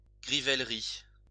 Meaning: dine and dash
- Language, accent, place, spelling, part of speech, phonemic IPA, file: French, France, Lyon, grivèlerie, noun, /ɡʁi.vɛl.ʁi/, LL-Q150 (fra)-grivèlerie.wav